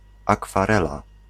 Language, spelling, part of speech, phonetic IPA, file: Polish, akwarela, noun, [ˌakfaˈrɛla], Pl-akwarela.ogg